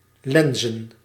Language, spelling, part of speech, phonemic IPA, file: Dutch, lenzen, verb / noun, /ˈlɛnzə(n)/, Nl-lenzen.ogg
- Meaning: plural of lens